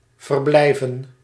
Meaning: to stay, to reside (to remain in a particular place)
- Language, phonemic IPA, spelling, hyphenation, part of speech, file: Dutch, /vərˈblɛi̯.və(n)/, verblijven, ver‧blij‧ven, verb, Nl-verblijven.ogg